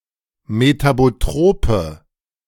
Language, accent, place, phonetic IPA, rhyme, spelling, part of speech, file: German, Germany, Berlin, [metaboˈtʁoːpə], -oːpə, metabotrope, adjective, De-metabotrope.ogg
- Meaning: inflection of metabotrop: 1. strong/mixed nominative/accusative feminine singular 2. strong nominative/accusative plural 3. weak nominative all-gender singular